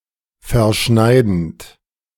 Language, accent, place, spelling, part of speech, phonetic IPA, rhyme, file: German, Germany, Berlin, verschneidend, verb, [fɛɐ̯ˈʃnaɪ̯dn̩t], -aɪ̯dn̩t, De-verschneidend.ogg
- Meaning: present participle of verschneiden